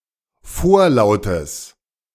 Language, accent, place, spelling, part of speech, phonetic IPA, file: German, Germany, Berlin, vorlautes, adjective, [ˈfoːɐ̯ˌlaʊ̯təs], De-vorlautes.ogg
- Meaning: strong/mixed nominative/accusative neuter singular of vorlaut